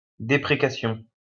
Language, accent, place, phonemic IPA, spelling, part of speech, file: French, France, Lyon, /de.pʁe.ka.sjɔ̃/, déprécation, noun, LL-Q150 (fra)-déprécation.wav
- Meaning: 1. prayer asking for happiness or misfortune to befall others 2. prayer asking for forgiveness for some misdeed or fault